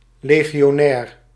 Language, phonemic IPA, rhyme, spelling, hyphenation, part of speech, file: Dutch, /ˌleː.ɣi.oːˈnɛːr/, -ɛːr, legionair, le‧gi‧o‧nair, noun / adjective, Nl-legionair.ogg
- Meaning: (noun) a legionnaire, a legionary; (adjective) legionary, pertaining to a legion